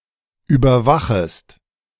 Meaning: second-person singular subjunctive I of überwachen
- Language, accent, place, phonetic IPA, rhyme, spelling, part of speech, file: German, Germany, Berlin, [ˌyːbɐˈvaxəst], -axəst, überwachest, verb, De-überwachest.ogg